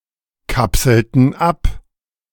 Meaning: inflection of abkapseln: 1. first/third-person plural preterite 2. first/third-person plural subjunctive II
- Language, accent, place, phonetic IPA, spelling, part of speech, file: German, Germany, Berlin, [ˌkapsl̩tn̩ ˈap], kapselten ab, verb, De-kapselten ab.ogg